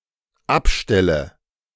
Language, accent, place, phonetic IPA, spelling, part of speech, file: German, Germany, Berlin, [ˈapˌʃtɛlə], abstelle, verb, De-abstelle.ogg
- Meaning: inflection of abstellen: 1. first-person singular dependent present 2. first/third-person singular dependent subjunctive I